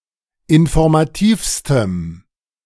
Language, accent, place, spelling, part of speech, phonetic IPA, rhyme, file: German, Germany, Berlin, informativstem, adjective, [ɪnfɔʁmaˈtiːfstəm], -iːfstəm, De-informativstem.ogg
- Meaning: strong dative masculine/neuter singular superlative degree of informativ